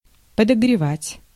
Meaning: 1. to warm up 2. to heat 3. to stir up, to rouse
- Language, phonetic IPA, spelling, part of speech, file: Russian, [pədəɡrʲɪˈvatʲ], подогревать, verb, Ru-подогревать.ogg